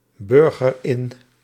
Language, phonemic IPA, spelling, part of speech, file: Dutch, /ˈbʏrɣər ˈɪn/, burger in, verb, Nl-burger in.ogg
- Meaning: inflection of inburgeren: 1. first-person singular present indicative 2. second-person singular present indicative 3. imperative